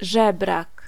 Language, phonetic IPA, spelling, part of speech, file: Polish, [ˈʒɛbrak], żebrak, noun, Pl-żebrak.ogg